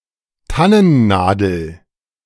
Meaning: fir needle
- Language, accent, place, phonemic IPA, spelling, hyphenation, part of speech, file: German, Germany, Berlin, /ˈtanənˌnaːdl̩/, Tannennadel, Tan‧nen‧na‧del, noun, De-Tannennadel.ogg